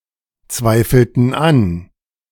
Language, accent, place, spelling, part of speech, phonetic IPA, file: German, Germany, Berlin, zweifelten an, verb, [ˌt͡svaɪ̯fl̩tn̩ ˈan], De-zweifelten an.ogg
- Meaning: inflection of anzweifeln: 1. first/third-person plural preterite 2. first/third-person plural subjunctive II